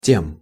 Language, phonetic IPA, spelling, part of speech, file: Russian, [tʲem], тем, determiner / pronoun / adverb / noun, Ru-тем.ogg
- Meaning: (determiner) inflection of тот (tot): 1. masculine/neuter instrumental singular 2. dative plural; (pronoun) instrumental of то (to); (adverb) the (to that degree, to the same degree)